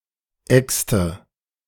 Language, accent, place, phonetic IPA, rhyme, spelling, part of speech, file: German, Germany, Berlin, [ˈɛkstə], -ɛkstə, exte, verb, De-exte.ogg
- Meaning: inflection of exen: 1. first/third-person singular preterite 2. first/third-person singular subjunctive II